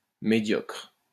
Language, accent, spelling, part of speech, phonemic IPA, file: French, France, médiocre, adjective, /me.djɔkʁ/, LL-Q150 (fra)-médiocre.wav
- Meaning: 1. mediocre, middle 2. poor, unsatisfactory